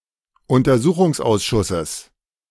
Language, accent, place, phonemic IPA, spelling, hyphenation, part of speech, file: German, Germany, Berlin, /ʊntɐˈzuːχʊŋsˌʔaʊ̯sʃʊsəs/, Untersuchungsausschusses, Un‧ter‧su‧chungs‧aus‧schus‧ses, noun, De-Untersuchungsausschusses.ogg
- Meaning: genitive singular of Untersuchungsausschuss